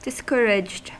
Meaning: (adjective) 1. Having lost confidence or hope; dejected; disheartened 2. unrecommended; unprescribed; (verb) simple past and past participle of discourage
- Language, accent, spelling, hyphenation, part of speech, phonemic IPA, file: English, US, discouraged, dis‧cour‧aged, adjective / verb, /dɪsˈkɝɪd͡ʒd/, En-us-discouraged.ogg